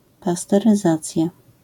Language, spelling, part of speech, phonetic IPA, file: Polish, pasteryzacja, noun, [ˌpastɛrɨˈzat͡sʲja], LL-Q809 (pol)-pasteryzacja.wav